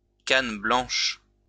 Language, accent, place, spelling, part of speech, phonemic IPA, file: French, France, Lyon, canne blanche, noun, /kan blɑ̃ʃ/, LL-Q150 (fra)-canne blanche.wav
- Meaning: cane (white stick used by blind people)